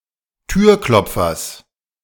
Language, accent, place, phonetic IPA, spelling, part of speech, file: German, Germany, Berlin, [ˈtyːɐ̯ˌklɔp͡fɐs], Türklopfers, noun, De-Türklopfers.ogg
- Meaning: genitive singular of Türklopfer